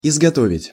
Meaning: to produce, to make, to manufacture
- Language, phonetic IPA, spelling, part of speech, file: Russian, [ɪzɡɐˈtovʲɪtʲ], изготовить, verb, Ru-изготовить.ogg